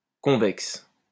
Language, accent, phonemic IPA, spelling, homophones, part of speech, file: French, France, /kɔ̃.vɛks/, convexe, convexes, adjective, LL-Q150 (fra)-convexe.wav
- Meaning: convex